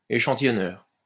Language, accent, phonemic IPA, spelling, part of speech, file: French, France, /e.ʃɑ̃.ti.jɔ.nœʁ/, échantillonneur, noun, LL-Q150 (fra)-échantillonneur.wav
- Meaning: sampler (electronic device)